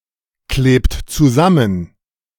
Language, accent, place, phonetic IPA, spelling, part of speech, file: German, Germany, Berlin, [ˌkleːpt t͡suˈzamən], klebt zusammen, verb, De-klebt zusammen.ogg
- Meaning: inflection of zusammenkleben: 1. third-person singular present 2. second-person plural present 3. plural imperative